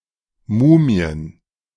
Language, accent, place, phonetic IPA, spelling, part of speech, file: German, Germany, Berlin, [ˈmuːmi̯ən], Mumien, noun, De-Mumien.ogg
- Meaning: plural of Mumie "mummies"